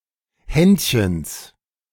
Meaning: genitive of Händchen
- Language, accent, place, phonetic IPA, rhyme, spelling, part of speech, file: German, Germany, Berlin, [ˈhɛntçəns], -ɛntçəns, Händchens, noun, De-Händchens.ogg